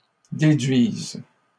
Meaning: second-person singular present subjunctive of déduire
- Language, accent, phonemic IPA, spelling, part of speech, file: French, Canada, /de.dɥiz/, déduises, verb, LL-Q150 (fra)-déduises.wav